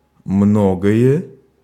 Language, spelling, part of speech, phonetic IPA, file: Russian, многое, pronoun, [ˈmnoɡəjə], Ru-многое.ogg
- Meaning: many things, many a thing, much